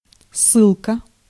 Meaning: 1. reference 2. link 3. exile, banishment (the state of being banished from one's home or country)
- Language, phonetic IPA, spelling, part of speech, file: Russian, [ˈsːɨɫkə], ссылка, noun, Ru-ссылка.ogg